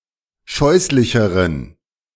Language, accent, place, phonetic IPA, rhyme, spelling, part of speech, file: German, Germany, Berlin, [ˈʃɔɪ̯slɪçəʁən], -ɔɪ̯slɪçəʁən, scheußlicheren, adjective, De-scheußlicheren.ogg
- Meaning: inflection of scheußlich: 1. strong genitive masculine/neuter singular comparative degree 2. weak/mixed genitive/dative all-gender singular comparative degree